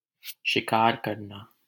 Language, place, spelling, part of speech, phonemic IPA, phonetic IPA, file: Hindi, Delhi, शिकार करना, verb, /ʃɪ.kɑːɾ kəɾ.nɑː/, [ʃɪ.käːɾ‿kɐɾ.näː], LL-Q1568 (hin)-शिकार करना.wav
- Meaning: to hunt